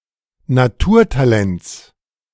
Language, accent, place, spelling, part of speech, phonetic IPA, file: German, Germany, Berlin, Naturtalents, noun, [naˈtuːɐ̯taˌlɛnt͡s], De-Naturtalents.ogg
- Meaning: genitive singular of Naturtalent